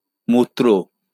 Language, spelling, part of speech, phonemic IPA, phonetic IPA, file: Bengali, মূত্র, noun, /ˈmut̪.ro/, [ˈmut̪ːɾɔ̝ˑ], LL-Q9610 (ben)-মূত্র.wav
- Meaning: urine